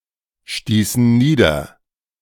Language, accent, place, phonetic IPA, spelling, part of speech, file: German, Germany, Berlin, [ˌʃtiːsn̩ ˈniːdɐ], stießen nieder, verb, De-stießen nieder.ogg
- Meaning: inflection of niederstoßen: 1. first/third-person plural preterite 2. first/third-person plural subjunctive II